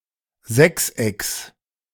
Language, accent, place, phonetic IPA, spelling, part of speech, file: German, Germany, Berlin, [ˈzɛksˌʔɛks], Sechsecks, noun, De-Sechsecks.ogg
- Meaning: genitive singular of Sechseck